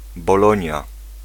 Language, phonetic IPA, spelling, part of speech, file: Polish, [bɔˈlɔ̃ɲja], Bolonia, proper noun, Pl-Bolonia.ogg